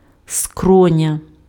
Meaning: temple
- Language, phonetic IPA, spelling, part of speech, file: Ukrainian, [ˈskrɔnʲɐ], скроня, noun, Uk-скроня.ogg